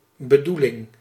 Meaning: 1. intention (goal, purpose) 2. eggcorn of bedoening
- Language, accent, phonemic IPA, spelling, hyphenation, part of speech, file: Dutch, Netherlands, /bəˈdulɪŋ/, bedoeling, be‧doe‧ling, noun, Nl-bedoeling.ogg